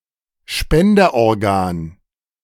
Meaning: donated organ
- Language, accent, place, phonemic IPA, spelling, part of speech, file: German, Germany, Berlin, /ˈʃpɛndɐʔɔʁˌɡaːn/, Spenderorgan, noun, De-Spenderorgan.ogg